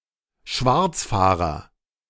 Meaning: fare dodger (one who uses public transportation without buying a ticket)
- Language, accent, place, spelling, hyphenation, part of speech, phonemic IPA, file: German, Germany, Berlin, Schwarzfahrer, Schwarz‧fah‧rer, noun, /ˈʃvaʁt͡sˌfaːʁɐ/, De-Schwarzfahrer.ogg